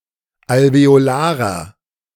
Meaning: inflection of alveolar: 1. strong/mixed nominative masculine singular 2. strong genitive/dative feminine singular 3. strong genitive plural
- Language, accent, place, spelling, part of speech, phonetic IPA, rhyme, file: German, Germany, Berlin, alveolarer, adjective, [alveoˈlaːʁɐ], -aːʁɐ, De-alveolarer.ogg